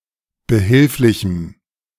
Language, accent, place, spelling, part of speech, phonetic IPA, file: German, Germany, Berlin, behilflichem, adjective, [bəˈhɪlflɪçm̩], De-behilflichem.ogg
- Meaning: strong dative masculine/neuter singular of behilflich